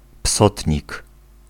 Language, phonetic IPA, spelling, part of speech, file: Polish, [ˈpsɔtʲɲik], psotnik, noun, Pl-psotnik.ogg